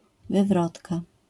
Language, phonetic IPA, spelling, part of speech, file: Polish, [vɨˈvrɔtka], wywrotka, noun, LL-Q809 (pol)-wywrotka.wav